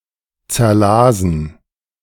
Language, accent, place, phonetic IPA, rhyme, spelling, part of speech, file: German, Germany, Berlin, [t͡sɛɐ̯ˈlaːzn̩], -aːzn̩, zerlasen, verb, De-zerlasen.ogg
- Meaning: first/third-person plural preterite of zerlesen